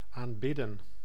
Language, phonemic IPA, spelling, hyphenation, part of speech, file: Dutch, /aːmˈbɪdə(n)/, aanbidden, aan‧bid‧den, verb, Nl-aanbidden.ogg
- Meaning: 1. to worship 2. to adore